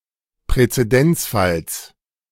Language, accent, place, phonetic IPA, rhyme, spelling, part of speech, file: German, Germany, Berlin, [pʁɛt͡seˈdɛnt͡sˌfals], -ɛnt͡sfals, Präzedenzfalls, noun, De-Präzedenzfalls.ogg
- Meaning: genitive singular of Präzedenzfall